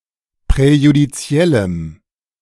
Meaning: strong dative masculine/neuter singular of präjudiziell
- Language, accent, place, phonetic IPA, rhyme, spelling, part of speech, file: German, Germany, Berlin, [pʁɛjudiˈt͡si̯ɛləm], -ɛləm, präjudiziellem, adjective, De-präjudiziellem.ogg